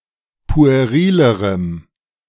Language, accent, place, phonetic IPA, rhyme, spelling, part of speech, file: German, Germany, Berlin, [pu̯eˈʁiːləʁəm], -iːləʁəm, puerilerem, adjective, De-puerilerem.ogg
- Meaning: strong dative masculine/neuter singular comparative degree of pueril